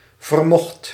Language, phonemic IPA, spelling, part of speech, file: Dutch, /vərˈmɔχt/, vermocht, verb, Nl-vermocht.ogg
- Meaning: singular past indicative of vermogen